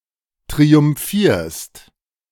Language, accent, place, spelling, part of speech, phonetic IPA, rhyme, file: German, Germany, Berlin, triumphierst, verb, [tʁiʊmˈfiːɐ̯st], -iːɐ̯st, De-triumphierst.ogg
- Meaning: second-person singular present of triumphieren